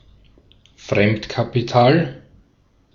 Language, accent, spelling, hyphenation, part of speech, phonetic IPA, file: German, Austria, Fremdkapital, Fremd‧ka‧pi‧tal, noun, [ˈfʀɛmtkapiˌtaːl], De-at-Fremdkapital.ogg
- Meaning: outside capital, borrowed capital